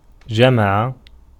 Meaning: 1. to gather, to assemble, to keep together, to collect 2. to unite, to reconcile 3. to collect oneself, to recollect 4. to lie with 5. to add 6. to pluralizeو to form the plural 7. to contain
- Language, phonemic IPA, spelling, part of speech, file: Arabic, /d͡ʒa.ma.ʕa/, جمع, verb, Ar-جمع.ogg